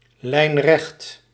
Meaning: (adjective) 1. perfectly straight, without curvature or aberration 2. direct; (adverb) diametrically
- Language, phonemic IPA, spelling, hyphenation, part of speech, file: Dutch, /ˈlɛi̯n.rɛxt/, lijnrecht, lijn‧recht, adjective / adverb, Nl-lijnrecht.ogg